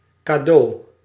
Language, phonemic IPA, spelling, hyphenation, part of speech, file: Dutch, /kaːˈdoː/, kado, ka‧do, noun, Nl-kado.ogg
- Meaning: superseded spelling of cadeau